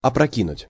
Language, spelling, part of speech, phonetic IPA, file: Russian, опрокинуть, verb, [ɐprɐˈkʲinʊtʲ], Ru-опрокинуть.ogg
- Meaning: 1. to overturn, to topple 2. to overthrow 3. to frustrate, to upset 4. (alcoholic beverage) to knock back